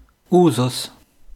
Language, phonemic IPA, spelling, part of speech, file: German, /ˈuːzʊs/, Usus, noun, De-Usus.wav
- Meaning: custom (long-established practice)